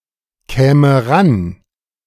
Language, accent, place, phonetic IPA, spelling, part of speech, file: German, Germany, Berlin, [ˌkɛːmə ˈʁan], käme ran, verb, De-käme ran.ogg
- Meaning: first/third-person singular subjunctive II of rankommen